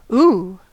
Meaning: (interjection) 1. An expression of surprise 2. An expression of awe 3. A sound made to imitate a ghost 4. An expression of affection 5. An expression of pain
- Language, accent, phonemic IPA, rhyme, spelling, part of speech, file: English, General American, /uː/, -uː, ooh, interjection / noun / verb, En-us-ooh.ogg